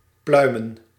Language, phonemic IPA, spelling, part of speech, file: Dutch, /ˈplœymə(n)/, pluimen, verb / adjective / noun, Nl-pluimen.ogg
- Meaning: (noun) plural of pluim; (verb) 1. to remove the plumage from, as before cooking a bird 2. to skin financially